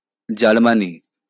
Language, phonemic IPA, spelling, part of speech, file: Bengali, /d͡ʒar.ma.ni/, জার্মানি, proper noun, LL-Q9610 (ben)-জার্মানি.wav
- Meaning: Germany (a country in Central Europe)